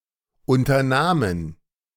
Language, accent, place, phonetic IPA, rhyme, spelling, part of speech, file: German, Germany, Berlin, [ˌʔʊntɐˈnaːmən], -aːmən, unternahmen, verb, De-unternahmen.ogg
- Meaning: first/third-person plural preterite of unternehmen